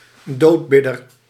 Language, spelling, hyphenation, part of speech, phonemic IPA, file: Dutch, doodbidder, dood‧bid‧der, noun, /ˈdoːtˌbɪ.dər/, Nl-doodbidder.ogg
- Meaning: undertaker's man (who comes to collect dead bodies)